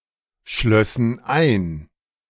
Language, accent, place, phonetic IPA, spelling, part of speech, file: German, Germany, Berlin, [ˌʃlœsn̩ ˈaɪ̯n], schlössen ein, verb, De-schlössen ein.ogg
- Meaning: first/third-person plural subjunctive II of einschließen